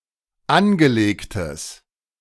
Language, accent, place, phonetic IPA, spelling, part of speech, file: German, Germany, Berlin, [ˈanɡəˌleːktəs], angelegtes, adjective, De-angelegtes.ogg
- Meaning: strong/mixed nominative/accusative neuter singular of angelegt